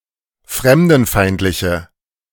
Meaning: inflection of fremdenfeindlich: 1. strong/mixed nominative/accusative feminine singular 2. strong nominative/accusative plural 3. weak nominative all-gender singular
- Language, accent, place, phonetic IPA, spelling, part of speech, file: German, Germany, Berlin, [ˈfʁɛmdn̩ˌfaɪ̯ntlɪçə], fremdenfeindliche, adjective, De-fremdenfeindliche.ogg